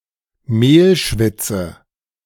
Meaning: roux
- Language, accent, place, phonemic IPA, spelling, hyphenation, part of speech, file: German, Germany, Berlin, /ˈmeːlˌʃvɪtsə/, Mehlschwitze, Mehl‧schwit‧ze, noun, De-Mehlschwitze.ogg